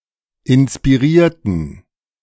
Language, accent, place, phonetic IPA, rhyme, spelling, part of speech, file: German, Germany, Berlin, [ɪnspiˈʁiːɐ̯tn̩], -iːɐ̯tn̩, inspirierten, adjective / verb, De-inspirierten.ogg
- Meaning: inflection of inspirieren: 1. first/third-person plural preterite 2. first/third-person plural subjunctive II